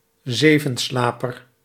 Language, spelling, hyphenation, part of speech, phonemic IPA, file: Dutch, zevenslaper, ze‧ven‧sla‧per, noun, /ˈzeː.və(n)ˌslaː.pər/, Nl-zevenslaper.ogg
- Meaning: 1. fat dormouse (Glis glis) 2. archaic spelling of Zevenslaper